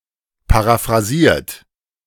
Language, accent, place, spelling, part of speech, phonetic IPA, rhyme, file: German, Germany, Berlin, paraphrasiert, verb, [paʁafʁaˈziːɐ̯t], -iːɐ̯t, De-paraphrasiert.ogg
- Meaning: 1. past participle of paraphrasieren 2. inflection of paraphrasieren: third-person singular present 3. inflection of paraphrasieren: second-person plural present